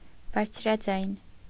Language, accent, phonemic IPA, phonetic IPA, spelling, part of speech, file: Armenian, Eastern Armenian, /bɑɾt͡sʰɾɑˈd͡zɑjn/, [bɑɾt͡sʰɾɑd͡zɑ́jn], բարձրաձայն, adjective / adverb, Hy-բարձրաձայն.ogg
- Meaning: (adjective) loud, shrill; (adverb) aloud, loudly